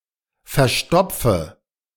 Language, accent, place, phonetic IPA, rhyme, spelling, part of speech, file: German, Germany, Berlin, [fɛɐ̯ˈʃtɔp͡fə], -ɔp͡fə, verstopfe, verb, De-verstopfe.ogg
- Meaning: inflection of verstopfen: 1. first-person singular present 2. singular imperative 3. first/third-person singular subjunctive I